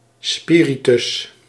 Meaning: 1. methylated spirit 2. a kind of diacritic used on Ancient Greek vowels to indicate aspiration or lack thereof. See spiritus asper and spiritus lenis
- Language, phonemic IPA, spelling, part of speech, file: Dutch, /ˈspiritʏs/, spiritus, noun, Nl-spiritus.ogg